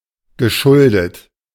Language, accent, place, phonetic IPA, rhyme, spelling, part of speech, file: German, Germany, Berlin, [ɡəˈʃʊldət], -ʊldət, geschuldet, verb, De-geschuldet.ogg
- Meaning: past participle of schulden